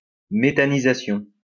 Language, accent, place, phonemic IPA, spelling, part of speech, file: French, France, Lyon, /me.ta.ni.za.sjɔ̃/, méthanisation, noun, LL-Q150 (fra)-méthanisation.wav
- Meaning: methanization